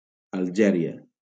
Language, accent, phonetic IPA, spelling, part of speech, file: Catalan, Valencia, [aʎˈd͡ʒɛ.ɾi.a], Algèria, proper noun, LL-Q7026 (cat)-Algèria.wav
- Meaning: Algeria (a country in North Africa)